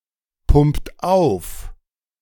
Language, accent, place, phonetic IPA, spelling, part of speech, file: German, Germany, Berlin, [ˌpʊmpt ˈaʊ̯f], pumpt auf, verb, De-pumpt auf.ogg
- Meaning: inflection of aufpumpen: 1. second-person plural present 2. third-person singular present 3. plural imperative